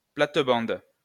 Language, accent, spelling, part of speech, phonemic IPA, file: French, France, plate-bande, noun, /plat.bɑ̃d/, LL-Q150 (fra)-plate-bande.wav
- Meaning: 1. flower bed 2. platband